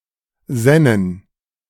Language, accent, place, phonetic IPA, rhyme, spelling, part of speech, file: German, Germany, Berlin, [ˈzɛnən], -ɛnən, sännen, verb, De-sännen.ogg
- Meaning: first-person plural subjunctive II of sinnen